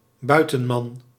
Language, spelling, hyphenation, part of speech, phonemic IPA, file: Dutch, buitenman, bui‧ten‧man, noun, /ˈbœy̯.tə(n)ˌmɑn/, Nl-buitenman.ogg
- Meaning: 1. a male rustic, a rural man, e.g. a male villager 2. a man one is romantically involved with in addition to one's primary partner, usually in secret; a male lover; a kept man 3. a male outsider